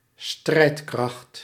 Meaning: 1. a military unit; (in the plural) armed forces 2. one's capability or readiness to fight
- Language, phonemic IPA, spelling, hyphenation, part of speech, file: Dutch, /ˈstrɛi̯t.krɑxt/, strijdkracht, strijd‧kracht, noun, Nl-strijdkracht.ogg